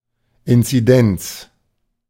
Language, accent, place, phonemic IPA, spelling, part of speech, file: German, Germany, Berlin, /ɪnt͡siˈdɛnt͡s/, Inzidenz, noun, De-Inzidenz.ogg
- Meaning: incidence